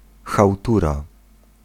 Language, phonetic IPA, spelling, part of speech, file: Polish, [xawˈtura], chałtura, noun, Pl-chałtura.ogg